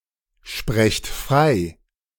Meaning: inflection of freisprechen: 1. second-person plural present 2. plural imperative
- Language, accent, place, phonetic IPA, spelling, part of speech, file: German, Germany, Berlin, [ˌʃpʁɛçt ˈfʁaɪ̯], sprecht frei, verb, De-sprecht frei.ogg